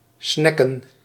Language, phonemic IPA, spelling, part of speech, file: Dutch, /ˈsnɛkə(n)/, snacken, verb, Nl-snacken.ogg
- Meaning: to snack